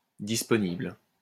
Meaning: available (pour for, à to)
- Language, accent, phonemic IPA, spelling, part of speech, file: French, France, /dis.pɔ.nibl/, disponible, adjective, LL-Q150 (fra)-disponible.wav